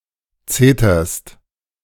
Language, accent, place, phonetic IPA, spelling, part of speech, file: German, Germany, Berlin, [ˈt͡seːtɐst], zeterst, verb, De-zeterst.ogg
- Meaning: second-person singular present of zetern